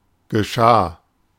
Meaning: first/third-person singular preterite of geschehen
- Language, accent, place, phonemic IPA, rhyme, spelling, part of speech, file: German, Germany, Berlin, /ɡəˈʃaː/, -aː, geschah, verb, De-geschah.ogg